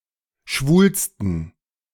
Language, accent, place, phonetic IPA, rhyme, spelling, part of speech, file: German, Germany, Berlin, [ˈʃvuːlstn̩], -uːlstn̩, schwulsten, adjective, De-schwulsten.ogg
- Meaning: superlative degree of schwul